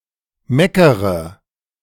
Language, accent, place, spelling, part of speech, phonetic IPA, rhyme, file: German, Germany, Berlin, meckere, verb, [ˈmɛkəʁə], -ɛkəʁə, De-meckere.ogg
- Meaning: inflection of meckern: 1. first-person singular present 2. first/third-person singular subjunctive I 3. singular imperative